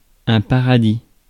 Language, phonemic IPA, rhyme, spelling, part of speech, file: French, /pa.ʁa.di/, -i, paradis, noun, Fr-paradis.ogg
- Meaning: 1. paradise (somewhere perfect) 2. Heaven 3. gods (The highest platform, or upper circle, in an auditorium)